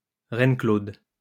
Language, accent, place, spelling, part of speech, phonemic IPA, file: French, France, Lyon, reine-claude, noun, /ʁɛn.klod/, LL-Q150 (fra)-reine-claude.wav
- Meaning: greengage (plum with greenish-yellow flesh and skin)